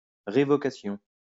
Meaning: revocation; act of revoking
- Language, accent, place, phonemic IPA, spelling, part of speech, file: French, France, Lyon, /ʁe.vɔ.ka.sjɔ̃/, révocation, noun, LL-Q150 (fra)-révocation.wav